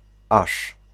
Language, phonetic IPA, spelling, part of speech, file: Polish, [aʃ], aż, particle / conjunction, Pl-aż.ogg